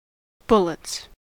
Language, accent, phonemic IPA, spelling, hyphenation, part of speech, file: English, US, /ˈbʊl.ɪts/, bullets, bul‧lets, noun / verb, En-us-bullets.ogg
- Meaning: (noun) 1. plural of bullet 2. A pair of aces as a starting hand in Texas hold 'em; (verb) third-person singular simple present indicative of bullet